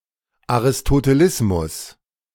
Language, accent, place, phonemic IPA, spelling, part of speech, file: German, Germany, Berlin, /aʁɪstoteˈlɪsmʊs/, Aristotelismus, noun, De-Aristotelismus.ogg
- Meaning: Aristotelianism (philosophical system)